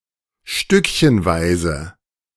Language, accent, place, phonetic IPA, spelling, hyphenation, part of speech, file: German, Germany, Berlin, [ˈʃtʏkçənˌvaɪ̯zə], stückchenweise, stück‧chen‧wei‧se, adverb / adjective, De-stückchenweise.ogg
- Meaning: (adverb) in bits and pieces, in a piecemeal fashion, piecewise, piece by piece, little by little, bit by bit, by the slice; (adjective) piecemeal, piece-by-piece